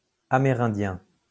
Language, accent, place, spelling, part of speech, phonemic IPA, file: French, France, Lyon, amérindien, adjective / noun, /a.me.ʁɛ̃.djɛ̃/, LL-Q150 (fra)-amérindien.wav
- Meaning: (adjective) Amerindian